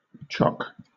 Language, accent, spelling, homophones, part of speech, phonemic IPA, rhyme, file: English, Southern England, choc, chock, noun, /t͡ʃɒk/, -ɒk, LL-Q1860 (eng)-choc.wav
- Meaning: Clipping of chocolate